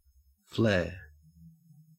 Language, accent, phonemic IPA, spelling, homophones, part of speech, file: English, Australia, /fleː/, flare, flair, noun / verb, En-au-flare.ogg
- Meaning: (noun) 1. A sudden bright light 2. A source of brightly burning light or intense heat